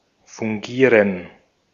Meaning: to act, to serve (to fill a certain role or function)
- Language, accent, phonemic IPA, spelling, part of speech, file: German, Austria, /fʊŋˈɡiːʁən/, fungieren, verb, De-at-fungieren.ogg